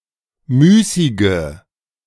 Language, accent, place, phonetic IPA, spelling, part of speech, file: German, Germany, Berlin, [ˈmyːsɪɡə], müßige, adjective, De-müßige.ogg
- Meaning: inflection of müßig: 1. strong/mixed nominative/accusative feminine singular 2. strong nominative/accusative plural 3. weak nominative all-gender singular 4. weak accusative feminine/neuter singular